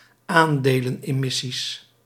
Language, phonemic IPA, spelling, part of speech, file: Dutch, /ˈandelə(n)ɛˌmɪsis/, aandelenemissies, noun, Nl-aandelenemissies.ogg
- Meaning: plural of aandelenemissie